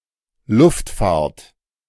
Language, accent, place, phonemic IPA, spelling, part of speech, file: German, Germany, Berlin, /ˈlʊftˌfaːɐ̯t/, Luftfahrt, noun, De-Luftfahrt.ogg
- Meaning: aeronautics, aviation